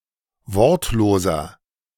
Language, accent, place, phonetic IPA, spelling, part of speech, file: German, Germany, Berlin, [ˈvɔʁtloːzɐ], wortloser, adjective, De-wortloser.ogg
- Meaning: inflection of wortlos: 1. strong/mixed nominative masculine singular 2. strong genitive/dative feminine singular 3. strong genitive plural